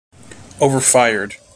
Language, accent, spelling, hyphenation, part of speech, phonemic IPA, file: English, General American, overfired, o‧ver‧fir‧ed, adjective / verb, /ˌoʊvɚˈfaɪ(ə)ɹd/, En-us-overfired.mp3
- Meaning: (adjective) 1. Fired at a high (or excessively high) temperature 2. Of a cooker: having a heat source that is above the food being cooked; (verb) simple past and past participle of overfire